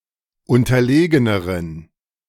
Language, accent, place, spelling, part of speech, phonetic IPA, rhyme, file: German, Germany, Berlin, unterlegeneren, adjective, [ˌʊntɐˈleːɡənəʁən], -eːɡənəʁən, De-unterlegeneren.ogg
- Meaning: inflection of unterlegen: 1. strong genitive masculine/neuter singular comparative degree 2. weak/mixed genitive/dative all-gender singular comparative degree